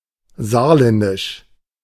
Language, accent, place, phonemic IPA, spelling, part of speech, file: German, Germany, Berlin, /ˈzaːɐ̯ˌlɛndɪʃ/, saarländisch, adjective, De-saarländisch.ogg
- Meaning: Saarland